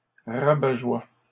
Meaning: killjoy, spoilsport, wet blanket
- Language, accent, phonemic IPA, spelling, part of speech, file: French, Canada, /ʁa.ba.ʒwa/, rabat-joie, noun, LL-Q150 (fra)-rabat-joie.wav